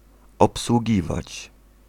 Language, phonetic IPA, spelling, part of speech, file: Polish, [ˌɔpswuˈɟivat͡ɕ], obsługiwać, verb, Pl-obsługiwać.ogg